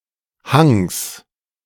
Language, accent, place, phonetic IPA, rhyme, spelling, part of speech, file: German, Germany, Berlin, [haŋs], -aŋs, Hangs, noun, De-Hangs.ogg
- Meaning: genitive singular of Hang